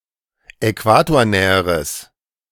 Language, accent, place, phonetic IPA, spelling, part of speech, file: German, Germany, Berlin, [ɛˈkvaːtoːɐ̯ˌnɛːəʁəs], äquatornäheres, adjective, De-äquatornäheres.ogg
- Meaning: strong/mixed nominative/accusative neuter singular comparative degree of äquatornah